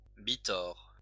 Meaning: a thin (two-ply or three-ply) rope
- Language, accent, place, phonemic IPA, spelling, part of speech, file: French, France, Lyon, /bi.tɔʁ/, bitord, noun, LL-Q150 (fra)-bitord.wav